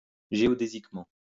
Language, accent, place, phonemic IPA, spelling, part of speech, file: French, France, Lyon, /ʒe.ɔ.de.zik.mɑ̃/, géodésiquement, adverb, LL-Q150 (fra)-géodésiquement.wav
- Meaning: geodetically